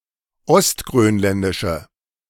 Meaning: inflection of ostgrönländisch: 1. strong/mixed nominative/accusative feminine singular 2. strong nominative/accusative plural 3. weak nominative all-gender singular
- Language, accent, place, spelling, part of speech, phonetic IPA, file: German, Germany, Berlin, ostgrönländische, adjective, [ɔstɡʁøːnˌlɛndɪʃə], De-ostgrönländische.ogg